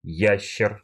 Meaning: 1. a saurian 2. an ancient reptile, a dinosaur 3. pangolin 4. a variety of khorovod (traditional Slavic circle dance) in which a circle of young women dance around a young man
- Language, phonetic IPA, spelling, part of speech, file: Russian, [ˈjæɕːɪr], ящер, noun, Ru-ящер.ogg